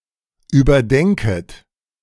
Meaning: second-person plural subjunctive I of überdenken
- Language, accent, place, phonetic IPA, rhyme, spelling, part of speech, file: German, Germany, Berlin, [yːbɐˈdɛŋkət], -ɛŋkət, überdenket, verb, De-überdenket.ogg